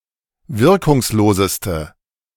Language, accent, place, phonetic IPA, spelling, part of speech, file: German, Germany, Berlin, [ˈvɪʁkʊŋsˌloːzəstə], wirkungsloseste, adjective, De-wirkungsloseste.ogg
- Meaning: inflection of wirkungslos: 1. strong/mixed nominative/accusative feminine singular superlative degree 2. strong nominative/accusative plural superlative degree